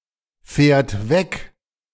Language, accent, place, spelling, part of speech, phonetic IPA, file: German, Germany, Berlin, fährt weg, verb, [ˌfɛːɐ̯t ˈvɛk], De-fährt weg.ogg
- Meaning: third-person singular present of wegfahren